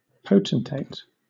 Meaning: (noun) 1. A powerful leader; a monarch; a ruler 2. A powerful polity or institution 3. A self-important person 4. Someone acting in an important role; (adjective) Regnant, powerful, dominant
- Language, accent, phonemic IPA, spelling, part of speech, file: English, Southern England, /ˈpəʊ.tən.teɪt/, potentate, noun / adjective, LL-Q1860 (eng)-potentate.wav